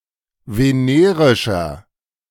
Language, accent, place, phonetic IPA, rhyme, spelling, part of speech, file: German, Germany, Berlin, [veˈneːʁɪʃɐ], -eːʁɪʃɐ, venerischer, adjective, De-venerischer.ogg
- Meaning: inflection of venerisch: 1. strong/mixed nominative masculine singular 2. strong genitive/dative feminine singular 3. strong genitive plural